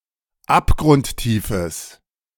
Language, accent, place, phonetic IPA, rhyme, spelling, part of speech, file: German, Germany, Berlin, [ˌapɡʁʊntˈtiːfəs], -iːfəs, abgrundtiefes, adjective, De-abgrundtiefes.ogg
- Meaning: strong/mixed nominative/accusative neuter singular of abgrundtief